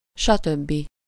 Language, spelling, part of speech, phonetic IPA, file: Hungarian, stb., conjunction, [ˈʃɒtøbːi], Hu-stb.ogg
- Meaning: etc